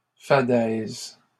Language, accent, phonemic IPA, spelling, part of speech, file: French, Canada, /fa.dɛz/, fadaise, noun, LL-Q150 (fra)-fadaise.wav
- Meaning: uninteresting or banal thought; twaddle